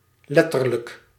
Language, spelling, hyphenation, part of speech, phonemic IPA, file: Dutch, letterlijk, let‧ter‧lijk, adverb / adjective, /ˈlɛ.tər.lək/, Nl-letterlijk.ogg
- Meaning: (adverb) literally; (adjective) literal